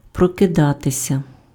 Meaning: to wake up, to wake, to awake (become conscious after sleep)
- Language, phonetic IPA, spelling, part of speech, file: Ukrainian, [prɔkeˈdatesʲɐ], прокидатися, verb, Uk-прокидатися.ogg